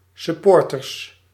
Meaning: plural of supporter
- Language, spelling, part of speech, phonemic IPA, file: Dutch, supporters, noun, /sʏˈpɔrtərs/, Nl-supporters.ogg